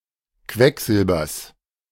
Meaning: genitive singular of Quecksilber
- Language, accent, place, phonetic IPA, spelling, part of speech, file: German, Germany, Berlin, [ˈkvɛkˌzɪlbɐs], Quecksilbers, noun, De-Quecksilbers.ogg